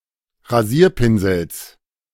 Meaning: genitive singular of Rasierpinsel
- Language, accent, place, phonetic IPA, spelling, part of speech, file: German, Germany, Berlin, [ʁaˈziːɐ̯ˌpɪnzl̩s], Rasierpinsels, noun, De-Rasierpinsels.ogg